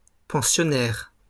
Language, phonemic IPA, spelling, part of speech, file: French, /pɑ̃.sjɔ.nɛʁ/, pensionnaires, noun, LL-Q150 (fra)-pensionnaires.wav
- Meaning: plural of pensionnaire